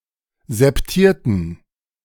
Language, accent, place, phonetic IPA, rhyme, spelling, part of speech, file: German, Germany, Berlin, [zɛpˈtiːɐ̯tn̩], -iːɐ̯tn̩, septierten, adjective, De-septierten.ogg
- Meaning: inflection of septiert: 1. strong genitive masculine/neuter singular 2. weak/mixed genitive/dative all-gender singular 3. strong/weak/mixed accusative masculine singular 4. strong dative plural